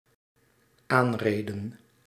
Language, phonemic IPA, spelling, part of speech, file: Dutch, /ˈanredə(n)/, aanreden, verb, Nl-aanreden.ogg
- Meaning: inflection of aanrijden: 1. plural dependent-clause past indicative 2. plural dependent-clause past subjunctive